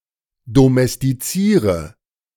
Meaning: inflection of domestizieren: 1. first-person singular present 2. singular imperative 3. first/third-person singular subjunctive I
- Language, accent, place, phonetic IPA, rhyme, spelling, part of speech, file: German, Germany, Berlin, [domɛstiˈt͡siːʁə], -iːʁə, domestiziere, verb, De-domestiziere.ogg